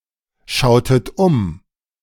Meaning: inflection of umschauen: 1. second-person plural preterite 2. second-person plural subjunctive II
- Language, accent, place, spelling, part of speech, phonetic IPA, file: German, Germany, Berlin, schautet um, verb, [ˌʃaʊ̯tət ˈʊm], De-schautet um.ogg